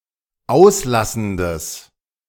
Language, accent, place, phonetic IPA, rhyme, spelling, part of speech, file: German, Germany, Berlin, [ˈaʊ̯sˌlasn̩dəs], -aʊ̯slasn̩dəs, auslassendes, adjective, De-auslassendes.ogg
- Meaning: strong/mixed nominative/accusative neuter singular of auslassend